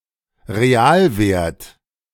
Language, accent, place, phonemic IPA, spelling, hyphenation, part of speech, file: German, Germany, Berlin, /ʁeˈaːlˌveːrt/, Realwert, Re‧al‧wert, noun, De-Realwert.ogg
- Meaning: real value, true value